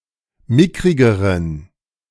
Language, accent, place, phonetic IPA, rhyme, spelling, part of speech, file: German, Germany, Berlin, [ˈmɪkʁɪɡəʁən], -ɪkʁɪɡəʁən, mickrigeren, adjective, De-mickrigeren.ogg
- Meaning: inflection of mickrig: 1. strong genitive masculine/neuter singular comparative degree 2. weak/mixed genitive/dative all-gender singular comparative degree